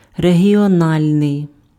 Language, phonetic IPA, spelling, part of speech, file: Ukrainian, [reɦʲiɔˈnalʲnei̯], регіональний, adjective, Uk-регіональний.ogg
- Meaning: regional